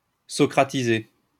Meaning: to Socratize
- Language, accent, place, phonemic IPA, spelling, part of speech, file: French, France, Lyon, /sɔ.kʁa.ti.ze/, socratiser, verb, LL-Q150 (fra)-socratiser.wav